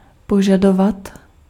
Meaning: 1. to demand 2. to require
- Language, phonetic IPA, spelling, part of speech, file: Czech, [ˈpoʒadovat], požadovat, verb, Cs-požadovat.ogg